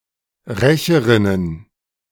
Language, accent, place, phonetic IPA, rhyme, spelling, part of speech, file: German, Germany, Berlin, [ˈʁɛçəʁɪnən], -ɛçəʁɪnən, Rächerinnen, noun, De-Rächerinnen.ogg
- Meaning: plural of Rächerin